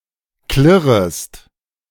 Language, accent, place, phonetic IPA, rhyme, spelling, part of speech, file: German, Germany, Berlin, [ˈklɪʁəst], -ɪʁəst, klirrest, verb, De-klirrest.ogg
- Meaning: second-person singular subjunctive I of klirren